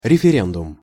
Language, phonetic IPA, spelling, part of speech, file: Russian, [rʲɪfʲɪˈrʲendʊm], референдум, noun, Ru-референдум.ogg
- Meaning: referendum